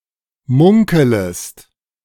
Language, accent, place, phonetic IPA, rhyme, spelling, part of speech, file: German, Germany, Berlin, [ˈmʊŋkələst], -ʊŋkələst, munkelest, verb, De-munkelest.ogg
- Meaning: second-person singular subjunctive I of munkeln